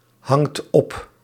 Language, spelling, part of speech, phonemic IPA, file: Dutch, hangt op, verb, /ˈhɑŋt ˈɔp/, Nl-hangt op.ogg
- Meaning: inflection of ophangen: 1. second/third-person singular present indicative 2. plural imperative